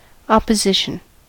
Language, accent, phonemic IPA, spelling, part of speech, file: English, US, /ˌɑ.pəˈzɪʃ.ən/, opposition, noun, En-us-opposition.ogg
- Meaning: 1. The action of opposing or of being in conflict 2. An opposite or contrasting position